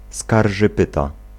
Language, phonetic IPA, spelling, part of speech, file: Polish, [ˌskarʒɨˈpɨta], skarżypyta, noun, Pl-skarżypyta.ogg